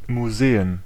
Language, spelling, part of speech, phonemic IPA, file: German, Museen, noun, /muˈzeːən/, De-Museen.ogg
- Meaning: plural of Museum